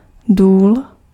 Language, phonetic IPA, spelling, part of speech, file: Czech, [ˈduːl], důl, noun, Cs-důl.ogg
- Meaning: mine (deposit of ore)